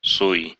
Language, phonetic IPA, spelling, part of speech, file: Russian, [suj], суй, verb, Ru-суй.ogg
- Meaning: second-person singular imperative imperfective of сова́ть (sovátʹ)